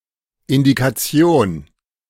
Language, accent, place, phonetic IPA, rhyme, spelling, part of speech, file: German, Germany, Berlin, [ɪndikaˈt͡si̯oːn], -oːn, Indikation, noun, De-Indikation.ogg
- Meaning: indication